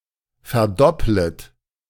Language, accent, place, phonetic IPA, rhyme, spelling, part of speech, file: German, Germany, Berlin, [fɛɐ̯ˈdɔplət], -ɔplət, verdopplet, verb, De-verdopplet.ogg
- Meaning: second-person plural subjunctive I of verdoppeln